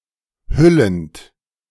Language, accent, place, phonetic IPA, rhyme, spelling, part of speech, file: German, Germany, Berlin, [ˈhʏlənt], -ʏlənt, hüllend, verb, De-hüllend.ogg
- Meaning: present participle of hüllen